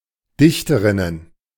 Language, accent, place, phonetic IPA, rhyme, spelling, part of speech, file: German, Germany, Berlin, [ˈdɪçtəʁɪnən], -ɪçtəʁɪnən, Dichterinnen, noun, De-Dichterinnen.ogg
- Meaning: plural of Dichterin